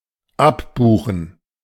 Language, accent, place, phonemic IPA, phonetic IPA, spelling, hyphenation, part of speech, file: German, Germany, Berlin, /ˈapbuːχən/, [ˈʔapbuːχn̩], abbuchen, ab‧bu‧chen, verb, De-abbuchen.ogg
- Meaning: to debit